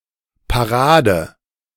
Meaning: 1. parade (intentional, planned march) 2. parade, march 3. parry 4. save 5. halt
- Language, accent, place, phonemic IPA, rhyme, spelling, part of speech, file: German, Germany, Berlin, /paˈʁaːdə/, -aːdə, Parade, noun, De-Parade.ogg